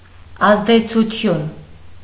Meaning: 1. effect 2. influence, authority 3. right, authority
- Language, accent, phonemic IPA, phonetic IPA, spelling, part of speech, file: Armenian, Eastern Armenian, /ɑzdet͡sʰuˈtʰjun/, [ɑzdet͡sʰut͡sʰjún], ազդեցություն, noun, Hy-ազդեցություն.ogg